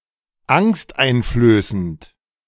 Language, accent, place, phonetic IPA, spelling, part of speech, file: German, Germany, Berlin, [ˈaŋstʔaɪ̯nfløːsənt], angsteinflößend, adjective, De-angsteinflößend.ogg
- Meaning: frightening, scary